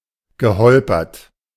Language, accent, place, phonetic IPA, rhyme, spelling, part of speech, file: German, Germany, Berlin, [ɡəˈhɔlpɐt], -ɔlpɐt, geholpert, verb, De-geholpert.ogg
- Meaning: past participle of holpern